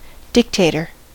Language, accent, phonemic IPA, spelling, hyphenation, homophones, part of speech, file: English, General American, /ˈdɪkˌteɪtəɹ/, dictator, dic‧ta‧tor, dictater, noun, En-us-dictator.ogg
- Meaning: An authoritarian leader of a country, nation, or government